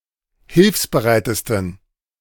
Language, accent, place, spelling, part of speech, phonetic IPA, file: German, Germany, Berlin, hilfsbereitesten, adjective, [ˈhɪlfsbəˌʁaɪ̯təstn̩], De-hilfsbereitesten.ogg
- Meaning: 1. superlative degree of hilfsbereit 2. inflection of hilfsbereit: strong genitive masculine/neuter singular superlative degree